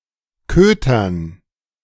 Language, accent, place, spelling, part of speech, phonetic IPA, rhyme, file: German, Germany, Berlin, Kötern, noun, [ˈkøːtɐn], -øːtɐn, De-Kötern.ogg
- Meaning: dative plural of Köter